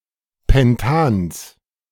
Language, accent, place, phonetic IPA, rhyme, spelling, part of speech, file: German, Germany, Berlin, [ˌpɛnˈtaːns], -aːns, Pentans, noun, De-Pentans.ogg
- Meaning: genitive of Pentan